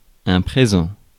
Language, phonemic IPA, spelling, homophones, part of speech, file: French, /pʁe.zɑ̃/, présent, présents, adjective / noun, Fr-présent.ogg
- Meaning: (adjective) 1. present 2. current, present; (noun) 1. the now, the present moment 2. present tense 3. gift; present